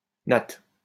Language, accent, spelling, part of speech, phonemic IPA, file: French, France, natte, noun / verb, /nat/, LL-Q150 (fra)-natte.wav
- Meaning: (noun) 1. plait (of hair), braid (US) 2. mat; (verb) inflection of natter: 1. first/third-person singular present indicative/subjunctive 2. second-person singular imperative